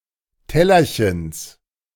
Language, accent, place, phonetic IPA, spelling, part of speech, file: German, Germany, Berlin, [ˈtɛlɐçəns], Tellerchens, noun, De-Tellerchens.ogg
- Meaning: genitive of Tellerchen